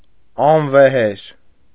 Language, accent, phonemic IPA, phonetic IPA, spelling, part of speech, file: Armenian, Eastern Armenian, /ɑnveˈheɾ/, [ɑnvehéɾ], անվեհեր, adjective, Hy-անվեհեր.ogg
- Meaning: courageous, brave